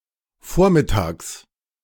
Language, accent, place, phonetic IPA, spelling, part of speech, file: German, Germany, Berlin, [ˈfoːɐ̯mɪtaːks], Vormittags, noun, De-Vormittags.ogg
- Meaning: genitive singular of Vormittag